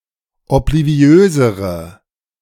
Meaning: inflection of obliviös: 1. strong/mixed nominative/accusative feminine singular comparative degree 2. strong nominative/accusative plural comparative degree
- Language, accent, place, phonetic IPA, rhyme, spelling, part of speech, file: German, Germany, Berlin, [ɔpliˈvi̯øːzəʁə], -øːzəʁə, obliviösere, adjective, De-obliviösere.ogg